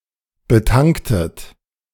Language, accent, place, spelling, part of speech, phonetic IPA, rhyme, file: German, Germany, Berlin, betanktet, verb, [bəˈtaŋktət], -aŋktət, De-betanktet.ogg
- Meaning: inflection of betanken: 1. second-person plural preterite 2. second-person plural subjunctive II